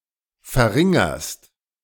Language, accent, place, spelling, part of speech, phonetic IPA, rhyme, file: German, Germany, Berlin, verringerst, verb, [fɛɐ̯ˈʁɪŋɐst], -ɪŋɐst, De-verringerst.ogg
- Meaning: second-person singular present of verringern